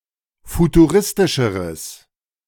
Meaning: strong/mixed nominative/accusative neuter singular comparative degree of futuristisch
- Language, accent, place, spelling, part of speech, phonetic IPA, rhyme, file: German, Germany, Berlin, futuristischeres, adjective, [futuˈʁɪstɪʃəʁəs], -ɪstɪʃəʁəs, De-futuristischeres.ogg